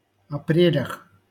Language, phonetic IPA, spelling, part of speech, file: Russian, [ɐˈprʲelʲəx], апрелях, noun, LL-Q7737 (rus)-апрелях.wav
- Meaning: prepositional plural of апре́ль (aprélʹ)